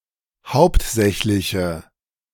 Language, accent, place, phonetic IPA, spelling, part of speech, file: German, Germany, Berlin, [ˈhaʊ̯ptˌzɛçlɪçə], hauptsächliche, adjective, De-hauptsächliche.ogg
- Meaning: inflection of hauptsächlich: 1. strong/mixed nominative/accusative feminine singular 2. strong nominative/accusative plural 3. weak nominative all-gender singular